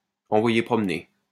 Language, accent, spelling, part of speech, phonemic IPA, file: French, France, envoyer promener, verb, /ɑ̃.vwa.je pʁɔm.ne/, LL-Q150 (fra)-envoyer promener.wav
- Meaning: to send someone packing, to reject, to dismiss, to tell someone to piss off